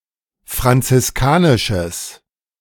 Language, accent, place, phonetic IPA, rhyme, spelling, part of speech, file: German, Germany, Berlin, [fʁant͡sɪsˈkaːnɪʃəs], -aːnɪʃəs, franziskanisches, adjective, De-franziskanisches.ogg
- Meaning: strong/mixed nominative/accusative neuter singular of franziskanisch